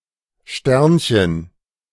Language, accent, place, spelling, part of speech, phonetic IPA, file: German, Germany, Berlin, Sternchen, noun, [ˈʃtɛʁnçən], De-Sternchen.ogg
- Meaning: 1. diminutive of Stern: little star 2. asterisk 3. starlet (young actor or singer, usually female)